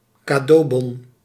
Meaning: gift card, gift voucher (token that is given as a gift and can be used to purchase specific items)
- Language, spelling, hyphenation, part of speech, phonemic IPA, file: Dutch, cadeaubon, ca‧deau‧bon, noun, /kaːˈdoːˌbɔn/, Nl-cadeaubon.ogg